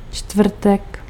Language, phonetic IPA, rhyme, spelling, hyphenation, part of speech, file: Czech, [ˈt͡ʃtvr̩tɛk], -r̩tɛk, čtvrtek, čtvr‧tek, noun, Cs-čtvrtek.ogg
- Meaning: 1. Thursday 2. genitive plural of čtvrtka